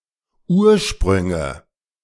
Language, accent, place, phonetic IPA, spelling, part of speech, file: German, Germany, Berlin, [ˈuːɐ̯ˌʃpʁʏŋə], Ursprünge, noun, De-Ursprünge.ogg
- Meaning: nominative/accusative/genitive plural of Ursprung